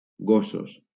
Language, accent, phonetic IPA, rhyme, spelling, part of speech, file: Catalan, Valencia, [ˈɡo.sos], -osos, gossos, noun, LL-Q7026 (cat)-gossos.wav
- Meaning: masculine plural of gos